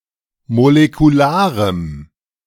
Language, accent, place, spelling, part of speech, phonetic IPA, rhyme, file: German, Germany, Berlin, molekularem, adjective, [molekuˈlaːʁəm], -aːʁəm, De-molekularem.ogg
- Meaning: strong dative masculine/neuter singular of molekular